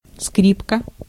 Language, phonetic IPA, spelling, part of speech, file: Russian, [ˈskrʲipkə], скрипка, noun, Ru-скрипка.ogg
- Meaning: violin